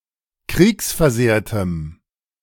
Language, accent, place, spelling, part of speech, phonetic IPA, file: German, Germany, Berlin, kriegsversehrtem, adjective, [ˈkʁiːksfɛɐ̯ˌzeːɐ̯təm], De-kriegsversehrtem.ogg
- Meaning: strong dative masculine/neuter singular of kriegsversehrt